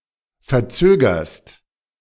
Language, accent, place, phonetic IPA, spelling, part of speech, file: German, Germany, Berlin, [fɛɐ̯ˈt͡søːɡɐst], verzögerst, verb, De-verzögerst.ogg
- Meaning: second-person singular present of verzögern